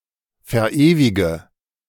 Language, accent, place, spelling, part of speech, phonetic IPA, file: German, Germany, Berlin, verewige, verb, [fɛɐ̯ˈʔeːvɪɡə], De-verewige.ogg
- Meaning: inflection of verewigen: 1. first-person singular present 2. first/third-person singular subjunctive I 3. singular imperative